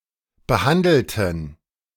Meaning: inflection of behandelt: 1. strong genitive masculine/neuter singular 2. weak/mixed genitive/dative all-gender singular 3. strong/weak/mixed accusative masculine singular 4. strong dative plural
- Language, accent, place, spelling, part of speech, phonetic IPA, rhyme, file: German, Germany, Berlin, behandelten, adjective / verb, [bəˈhandl̩tn̩], -andl̩tn̩, De-behandelten.ogg